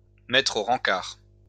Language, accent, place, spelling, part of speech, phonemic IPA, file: French, France, Lyon, mettre au rancart, verb, /mɛtʁ o ʁɑ̃.kaʁ/, LL-Q150 (fra)-mettre au rancart.wav
- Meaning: to scrap (an object, project, etc.)